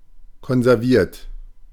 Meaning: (verb) past participle of konservieren; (adjective) conserved, preserved; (verb) inflection of konservieren: 1. third-person singular present 2. second-person plural present 3. plural imperative
- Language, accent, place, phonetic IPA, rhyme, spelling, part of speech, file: German, Germany, Berlin, [kɔnzɛʁˈviːɐ̯t], -iːɐ̯t, konserviert, verb, De-konserviert.ogg